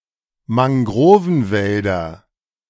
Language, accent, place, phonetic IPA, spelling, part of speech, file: German, Germany, Berlin, [maŋˈɡʁoːvn̩ˌvɛldɐ], Mangrovenwälder, noun, De-Mangrovenwälder.ogg
- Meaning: nominative/accusative/genitive plural of Mangrovenwald